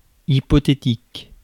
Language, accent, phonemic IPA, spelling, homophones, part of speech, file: French, France, /i.pɔ.te.tik/, hypothétique, hypothétiques, adjective, Fr-hypothétique.ogg
- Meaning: hypothetical (based upon a hypothesis)